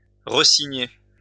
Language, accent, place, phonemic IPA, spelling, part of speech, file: French, France, Lyon, /ʁə.si.ɲe/, resigner, verb, LL-Q150 (fra)-resigner.wav
- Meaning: to resign, re-sign (sign again)